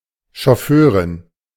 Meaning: chauffeur (female)
- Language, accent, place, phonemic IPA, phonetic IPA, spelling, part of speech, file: German, Germany, Berlin, /ʃɔˈføːʁɪn/, [ʃɔˈføːʁɪn], Chauffeurin, noun, De-Chauffeurin.ogg